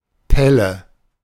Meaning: skin, peel (mostly in reference to sausages or vegetables, especially potatoes)
- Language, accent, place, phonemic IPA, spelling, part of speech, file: German, Germany, Berlin, /ˈpɛlə/, Pelle, noun, De-Pelle.ogg